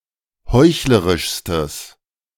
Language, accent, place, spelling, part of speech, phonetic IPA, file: German, Germany, Berlin, heuchlerischstes, adjective, [ˈhɔɪ̯çləʁɪʃstəs], De-heuchlerischstes.ogg
- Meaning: strong/mixed nominative/accusative neuter singular superlative degree of heuchlerisch